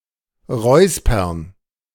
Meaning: to clear one's throat, to cough slightly (when trying to get attention)
- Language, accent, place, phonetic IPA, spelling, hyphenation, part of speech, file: German, Germany, Berlin, [ˈʁɔɪ̯spɐn], räuspern, räus‧pern, verb, De-räuspern.ogg